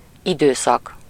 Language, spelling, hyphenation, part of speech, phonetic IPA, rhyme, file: Hungarian, időszak, idő‧szak, noun, [ˈidøːsɒk], -ɒk, Hu-időszak.ogg
- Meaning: period (of time)